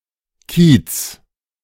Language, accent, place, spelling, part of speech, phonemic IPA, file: German, Germany, Berlin, Kiez, noun / proper noun, /kiːt͡s/, De-Kiez.ogg
- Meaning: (noun) neighbourhood, quarter (of a city); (proper noun) Reeperbahn (entertainment district in Hamburg)